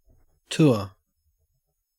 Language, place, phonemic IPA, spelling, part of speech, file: English, Queensland, /tʊə/, tour, noun / verb, En-au-tour.ogg
- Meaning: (noun) 1. A journey through a particular building, estate, country, etc 2. A guided visit to a particular place, or virtual place